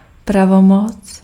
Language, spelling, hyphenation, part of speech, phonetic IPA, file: Czech, pravomoc, pra‧vo‧moc, noun, [ˈpravomot͡s], Cs-pravomoc.ogg
- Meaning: authority